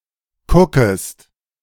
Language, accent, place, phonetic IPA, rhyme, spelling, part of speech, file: German, Germany, Berlin, [ˈkʊkəst], -ʊkəst, kuckest, verb, De-kuckest.ogg
- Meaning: second-person singular subjunctive I of kucken